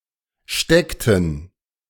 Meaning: inflection of stecken: 1. first/third-person plural preterite 2. first/third-person plural subjunctive II
- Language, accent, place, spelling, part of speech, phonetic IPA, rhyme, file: German, Germany, Berlin, steckten, verb, [ˈʃtɛktn̩], -ɛktn̩, De-steckten.ogg